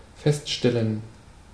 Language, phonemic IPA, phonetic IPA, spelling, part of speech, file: German, /ˈfɛstˌʃtɛlən/, [ˈfɛstˌʃtɛln], feststellen, verb, De-feststellen.ogg
- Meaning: 1. to determine, to ascertain, to establish, to find, to see 2. to notice, to realize, to observe 3. to declare, to state 4. to lock, to secure, to fix into place